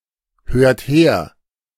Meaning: inflection of herhören: 1. second-person plural present 2. third-person singular present 3. plural imperative
- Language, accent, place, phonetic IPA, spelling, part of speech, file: German, Germany, Berlin, [ˌhøːɐ̯t ˈheːɐ̯], hört her, verb, De-hört her.ogg